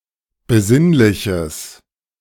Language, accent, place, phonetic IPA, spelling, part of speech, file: German, Germany, Berlin, [bəˈzɪnlɪçəs], besinnliches, adjective, De-besinnliches.ogg
- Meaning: strong/mixed nominative/accusative neuter singular of besinnlich